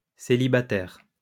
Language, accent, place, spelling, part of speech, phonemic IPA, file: French, France, Lyon, célibataires, noun / adjective, /se.li.ba.tɛʁ/, LL-Q150 (fra)-célibataires.wav
- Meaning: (noun) plural of célibataire